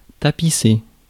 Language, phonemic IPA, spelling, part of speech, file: French, /ta.pi.se/, tapisser, verb, Fr-tapisser.ogg
- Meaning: 1. to carpet (cover with carpet) 2. to decorate 3. to cover; to overlay